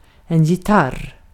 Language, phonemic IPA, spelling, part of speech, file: Swedish, /jɪˈtar/, gitarr, noun, Sv-gitarr.ogg
- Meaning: a guitar